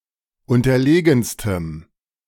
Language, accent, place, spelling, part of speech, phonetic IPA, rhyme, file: German, Germany, Berlin, unterlegenstem, adjective, [ˌʊntɐˈleːɡn̩stəm], -eːɡn̩stəm, De-unterlegenstem.ogg
- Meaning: strong dative masculine/neuter singular superlative degree of unterlegen